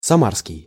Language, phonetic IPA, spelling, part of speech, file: Russian, [sɐˈmarskʲɪj], самарский, adjective, Ru-самарский.ogg
- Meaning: Samara